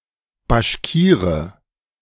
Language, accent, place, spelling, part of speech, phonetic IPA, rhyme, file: German, Germany, Berlin, Baschkire, noun, [baʃˈkiːʁə], -iːʁə, De-Baschkire.ogg
- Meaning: Bashkir (person of Bashkir origin) (male or of unspecified gender)